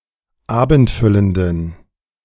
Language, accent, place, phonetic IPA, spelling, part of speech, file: German, Germany, Berlin, [ˈaːbn̩tˌfʏləndn̩], abendfüllenden, adjective, De-abendfüllenden.ogg
- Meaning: inflection of abendfüllend: 1. strong genitive masculine/neuter singular 2. weak/mixed genitive/dative all-gender singular 3. strong/weak/mixed accusative masculine singular 4. strong dative plural